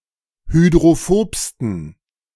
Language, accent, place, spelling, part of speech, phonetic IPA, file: German, Germany, Berlin, hydrophobsten, adjective, [hydʁoˈfoːpstn̩], De-hydrophobsten.ogg
- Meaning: 1. superlative degree of hydrophob 2. inflection of hydrophob: strong genitive masculine/neuter singular superlative degree